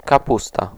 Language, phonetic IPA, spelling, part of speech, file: Polish, [kaˈpusta], kapusta, noun, Pl-kapusta.ogg